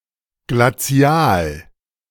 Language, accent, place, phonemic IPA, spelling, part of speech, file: German, Germany, Berlin, /ɡlaˈt͡si̯aːl/, Glazial, noun, De-Glazial.ogg
- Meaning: glacial